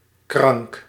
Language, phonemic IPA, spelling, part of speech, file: Dutch, /krɑŋk/, krank, adjective, Nl-krank.ogg
- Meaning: sick, ill